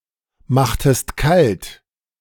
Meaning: inflection of kaltmachen: 1. second-person singular preterite 2. second-person singular subjunctive II
- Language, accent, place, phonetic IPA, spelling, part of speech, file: German, Germany, Berlin, [ˌmaxtəst ˈkalt], machtest kalt, verb, De-machtest kalt.ogg